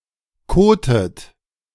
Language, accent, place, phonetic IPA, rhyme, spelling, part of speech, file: German, Germany, Berlin, [ˈkoːtət], -oːtət, kotet, verb, De-kotet.ogg
- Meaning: inflection of koten: 1. third-person singular present 2. second-person plural present 3. second-person plural subjunctive I 4. plural imperative